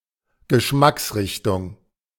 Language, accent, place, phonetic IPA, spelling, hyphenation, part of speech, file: German, Germany, Berlin, [ɡəˈʃmaksˌʀɪçtʊŋ], Geschmacksrichtung, Ge‧schmacks‧rich‧tung, noun, De-Geschmacksrichtung.ogg
- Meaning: 1. flavour 2. taste